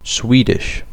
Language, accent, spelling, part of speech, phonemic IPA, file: English, UK, Swedish, proper noun / adjective, /ˈswiː.dɪʃ/, En-uk-Swedish.ogg
- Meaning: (proper noun) A North Germanic language spoken primarily in Sweden and Finland, and by a very small minority in Estonia; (adjective) Of or pertaining to Sweden